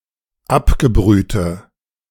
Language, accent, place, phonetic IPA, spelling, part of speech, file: German, Germany, Berlin, [ˈapɡəˌbʁyːtə], abgebrühte, adjective, De-abgebrühte.ogg
- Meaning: inflection of abgebrüht: 1. strong/mixed nominative/accusative feminine singular 2. strong nominative/accusative plural 3. weak nominative all-gender singular